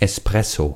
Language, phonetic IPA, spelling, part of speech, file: German, [ˌɛsˈpʁɛso], Espresso, noun, De-Espresso.ogg
- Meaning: espresso